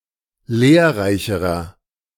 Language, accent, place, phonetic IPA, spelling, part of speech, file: German, Germany, Berlin, [ˈleːɐ̯ˌʁaɪ̯çəʁɐ], lehrreicherer, adjective, De-lehrreicherer.ogg
- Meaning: inflection of lehrreich: 1. strong/mixed nominative masculine singular comparative degree 2. strong genitive/dative feminine singular comparative degree 3. strong genitive plural comparative degree